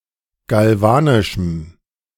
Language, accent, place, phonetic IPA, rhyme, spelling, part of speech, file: German, Germany, Berlin, [ɡalˈvaːnɪʃm̩], -aːnɪʃm̩, galvanischem, adjective, De-galvanischem.ogg
- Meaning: strong dative masculine/neuter singular of galvanisch